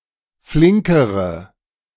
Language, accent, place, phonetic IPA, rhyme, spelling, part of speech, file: German, Germany, Berlin, [ˈflɪŋkəʁə], -ɪŋkəʁə, flinkere, adjective, De-flinkere.ogg
- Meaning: inflection of flink: 1. strong/mixed nominative/accusative feminine singular comparative degree 2. strong nominative/accusative plural comparative degree